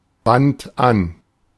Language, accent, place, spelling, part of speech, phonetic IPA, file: German, Germany, Berlin, band an, verb, [bant ˈʔan], De-band an.ogg
- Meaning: first/third-person singular preterite of anbinden